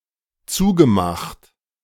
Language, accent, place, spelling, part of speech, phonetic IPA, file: German, Germany, Berlin, zugemacht, verb, [ˈt͡suːɡəˌmaxt], De-zugemacht.ogg
- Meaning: past participle of zumachen